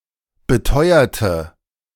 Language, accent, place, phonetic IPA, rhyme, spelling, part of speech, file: German, Germany, Berlin, [bəˈtɔɪ̯ɐtə], -ɔɪ̯ɐtə, beteuerte, adjective / verb, De-beteuerte.ogg
- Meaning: inflection of beteuern: 1. first/third-person singular preterite 2. first/third-person singular subjunctive II